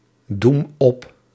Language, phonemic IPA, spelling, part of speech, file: Dutch, /ˈdum ˈɔp/, doem op, verb, Nl-doem op.ogg
- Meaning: inflection of opdoemen: 1. first-person singular present indicative 2. second-person singular present indicative 3. imperative